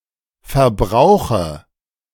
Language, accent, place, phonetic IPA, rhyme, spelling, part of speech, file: German, Germany, Berlin, [fɛɐ̯ˈbʁaʊ̯xə], -aʊ̯xə, verbrauche, verb, De-verbrauche.ogg
- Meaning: inflection of verbrauchen: 1. first-person singular present 2. first/third-person singular subjunctive I 3. singular imperative